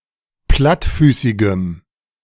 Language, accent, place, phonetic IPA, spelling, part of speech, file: German, Germany, Berlin, [ˈplatˌfyːsɪɡəm], plattfüßigem, adjective, De-plattfüßigem.ogg
- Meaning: strong dative masculine/neuter singular of plattfüßig